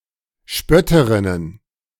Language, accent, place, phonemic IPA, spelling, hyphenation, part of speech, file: German, Germany, Berlin, /ˈʃpœtəʁɪnən/, Spötterinnen, Spöt‧te‧rin‧nen, noun, De-Spötterinnen.ogg
- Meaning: plural of Spötterin